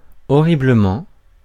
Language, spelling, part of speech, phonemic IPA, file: French, horriblement, adverb, /ɔ.ʁi.blə.mɑ̃/, Fr-horriblement.ogg
- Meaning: horribly